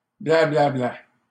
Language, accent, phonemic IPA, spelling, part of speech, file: French, Canada, /bla.bla.bla/, blablabla, noun, LL-Q150 (fra)-blablabla.wav
- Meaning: post-1990 spelling of bla-bla-bla